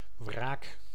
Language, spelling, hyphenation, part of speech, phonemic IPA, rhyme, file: Dutch, wraak, wraak, noun, /vraːk/, -aːk, Nl-wraak.ogg
- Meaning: revenge